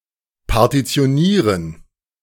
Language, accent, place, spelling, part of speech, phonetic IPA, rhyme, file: German, Germany, Berlin, partitionieren, verb, [paʁtit͡si̯oˈniːʁən], -iːʁən, De-partitionieren.ogg
- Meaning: to partition